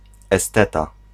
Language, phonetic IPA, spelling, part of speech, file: Polish, [ɛˈstɛta], esteta, noun, Pl-esteta.ogg